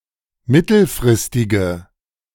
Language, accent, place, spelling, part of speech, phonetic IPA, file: German, Germany, Berlin, mittelfristige, adjective, [ˈmɪtl̩fʁɪstɪɡə], De-mittelfristige.ogg
- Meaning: inflection of mittelfristig: 1. strong/mixed nominative/accusative feminine singular 2. strong nominative/accusative plural 3. weak nominative all-gender singular